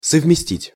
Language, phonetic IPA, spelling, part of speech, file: Russian, [səvmʲɪˈsʲtʲitʲ], совместить, verb, Ru-совместить.ogg
- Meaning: to combine